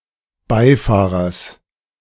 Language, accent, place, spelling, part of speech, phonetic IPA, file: German, Germany, Berlin, Beifahrers, noun, [ˈbaɪ̯ˌfaːʁɐs], De-Beifahrers.ogg
- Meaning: genitive singular of Beifahrer